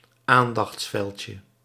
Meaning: diminutive of aandachtsveld
- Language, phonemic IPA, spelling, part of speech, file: Dutch, /ˈandɑx(t)sˌfɛlcə/, aandachtsveldje, noun, Nl-aandachtsveldje.ogg